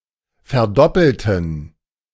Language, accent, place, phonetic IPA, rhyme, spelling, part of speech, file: German, Germany, Berlin, [fɛɐ̯ˈdɔpl̩tn̩], -ɔpl̩tn̩, verdoppelten, adjective / verb, De-verdoppelten.ogg
- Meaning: inflection of verdoppeln: 1. first/third-person plural preterite 2. first/third-person plural subjunctive II